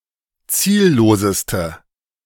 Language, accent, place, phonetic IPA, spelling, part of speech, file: German, Germany, Berlin, [ˈt͡siːlloːsəstə], zielloseste, adjective, De-zielloseste.ogg
- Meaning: inflection of ziellos: 1. strong/mixed nominative/accusative feminine singular superlative degree 2. strong nominative/accusative plural superlative degree